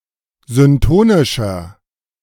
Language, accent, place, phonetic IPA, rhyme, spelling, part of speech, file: German, Germany, Berlin, [zʏnˈtoːnɪʃɐ], -oːnɪʃɐ, syntonischer, adjective, De-syntonischer.ogg
- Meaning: inflection of syntonisch: 1. strong/mixed nominative masculine singular 2. strong genitive/dative feminine singular 3. strong genitive plural